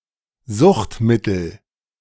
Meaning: addictive substance
- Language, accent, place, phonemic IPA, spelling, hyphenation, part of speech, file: German, Germany, Berlin, /ˈzʊxtˌmɪtl̩/, Suchtmittel, Sucht‧mit‧tel, noun, De-Suchtmittel.ogg